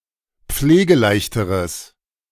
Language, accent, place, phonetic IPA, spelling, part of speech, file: German, Germany, Berlin, [ˈp͡fleːɡəˌlaɪ̯çtəʁəs], pflegeleichteres, adjective, De-pflegeleichteres.ogg
- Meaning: strong/mixed nominative/accusative neuter singular comparative degree of pflegeleicht